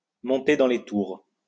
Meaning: 1. to rev up 2. to get angry
- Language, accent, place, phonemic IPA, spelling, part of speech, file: French, France, Lyon, /mɔ̃.te dɑ̃ le tuʁ/, monter dans les tours, verb, LL-Q150 (fra)-monter dans les tours.wav